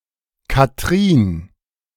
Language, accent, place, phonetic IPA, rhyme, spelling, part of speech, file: German, Germany, Berlin, [kaˈtʁiːn], -iːn, Kathrin, proper noun, De-Kathrin.ogg
- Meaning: a female given name, variant of Katrin